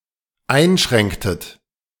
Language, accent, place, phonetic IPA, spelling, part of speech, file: German, Germany, Berlin, [ˈaɪ̯nˌʃʁɛŋktət], einschränktet, verb, De-einschränktet.ogg
- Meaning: inflection of einschränken: 1. second-person plural dependent preterite 2. second-person plural dependent subjunctive II